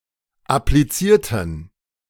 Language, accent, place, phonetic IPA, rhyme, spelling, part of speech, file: German, Germany, Berlin, [apliˈt͡siːɐ̯tn̩], -iːɐ̯tn̩, applizierten, adjective / verb, De-applizierten.ogg
- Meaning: inflection of appliziert: 1. strong genitive masculine/neuter singular 2. weak/mixed genitive/dative all-gender singular 3. strong/weak/mixed accusative masculine singular 4. strong dative plural